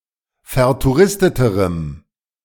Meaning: strong dative masculine/neuter singular comparative degree of vertouristet
- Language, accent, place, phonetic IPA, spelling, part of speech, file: German, Germany, Berlin, [fɛɐ̯tuˈʁɪstətəʁəm], vertouristeterem, adjective, De-vertouristeterem.ogg